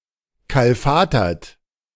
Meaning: 1. past participle of kalfatern 2. inflection of kalfatern: third-person singular present 3. inflection of kalfatern: second-person plural present 4. inflection of kalfatern: plural imperative
- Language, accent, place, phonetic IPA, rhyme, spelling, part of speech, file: German, Germany, Berlin, [ˌkalˈfaːtɐt], -aːtɐt, kalfatert, verb, De-kalfatert.ogg